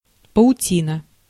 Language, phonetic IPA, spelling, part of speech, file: Russian, [pəʊˈtʲinə], паутина, noun, Ru-паутина.ogg
- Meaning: spiderweb, cobweb